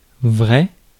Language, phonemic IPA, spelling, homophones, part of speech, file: French, /vʁɛ/, vrai, vraie / vrais / vraies, adjective / noun / adverb, Fr-vrai.ogg
- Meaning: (adjective) 1. true 2. real, proper 3. honest, sincere, truthful; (noun) truth; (adverb) true; truly